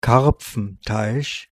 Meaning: 1. carp pond 2. a venue supporting one’s business undisturbed
- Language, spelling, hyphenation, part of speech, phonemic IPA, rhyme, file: German, Karpfenteich, Karp‧fen‧teich, noun, /ˈkaʁpfn̩taɪ̯ç/, -aɪ̯ç, De-Karpfenteich.ogg